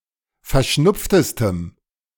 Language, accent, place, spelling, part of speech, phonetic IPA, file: German, Germany, Berlin, verschnupftestem, adjective, [fɛɐ̯ˈʃnʊp͡ftəstəm], De-verschnupftestem.ogg
- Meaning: strong dative masculine/neuter singular superlative degree of verschnupft